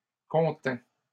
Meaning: third-person singular imperfect subjunctive of contenir
- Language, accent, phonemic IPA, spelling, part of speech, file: French, Canada, /kɔ̃.tɛ̃/, contînt, verb, LL-Q150 (fra)-contînt.wav